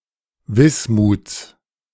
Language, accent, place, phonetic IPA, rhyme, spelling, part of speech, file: German, Germany, Berlin, [ˈvɪsmuːt͡s], -ɪsmuːt͡s, Wismuts, noun, De-Wismuts.ogg
- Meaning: genitive singular of Wismut